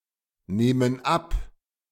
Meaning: inflection of abnehmen: 1. first/third-person plural present 2. first/third-person plural subjunctive I
- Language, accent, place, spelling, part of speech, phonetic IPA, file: German, Germany, Berlin, nehmen ab, verb, [ˌneːmən ˈap], De-nehmen ab.ogg